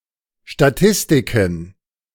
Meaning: plural of Statistik
- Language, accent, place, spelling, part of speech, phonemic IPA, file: German, Germany, Berlin, Statistiken, noun, /ʃtaˈtɪstɪkən/, De-Statistiken.ogg